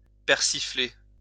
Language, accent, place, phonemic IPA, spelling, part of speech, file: French, France, Lyon, /pɛʁ.si.fle/, persifler, verb, LL-Q150 (fra)-persifler.wav